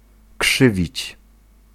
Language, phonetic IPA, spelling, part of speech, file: Polish, [ˈkʃɨvʲit͡ɕ], krzywić, verb, Pl-krzywić.ogg